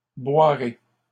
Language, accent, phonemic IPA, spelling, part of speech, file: French, Canada, /bwa.ʁe/, boirai, verb, LL-Q150 (fra)-boirai.wav
- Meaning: first-person singular future of boire